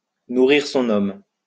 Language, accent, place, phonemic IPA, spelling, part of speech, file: French, France, Lyon, /nu.ʁiʁ sɔ̃.n‿ɔm/, nourrir son homme, verb, LL-Q150 (fra)-nourrir son homme.wav
- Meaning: to put food on the table, to pay the bills, to pay the rent (to be lucrative enough to live on, to be a good livelihood)